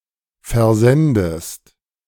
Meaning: inflection of versenden: 1. second-person singular present 2. second-person singular subjunctive I
- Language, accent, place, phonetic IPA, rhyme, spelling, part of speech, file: German, Germany, Berlin, [fɛɐ̯ˈzɛndəst], -ɛndəst, versendest, verb, De-versendest.ogg